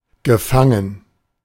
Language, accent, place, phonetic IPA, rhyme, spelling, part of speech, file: German, Germany, Berlin, [ɡəˈfaŋən], -aŋən, gefangen, verb, De-gefangen.ogg
- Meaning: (verb) past participle of fangen; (adjective) 1. caught 2. imprisoned 3. trapped